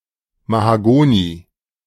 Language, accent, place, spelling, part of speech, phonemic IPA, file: German, Germany, Berlin, Mahagoni, noun, /ˌmahaˈɡoːni/, De-Mahagoni.ogg
- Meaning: mahogany (kind of wood)